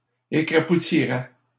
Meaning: third-person singular conditional of écrapoutir
- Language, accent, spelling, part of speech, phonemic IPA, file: French, Canada, écrapoutirait, verb, /e.kʁa.pu.ti.ʁɛ/, LL-Q150 (fra)-écrapoutirait.wav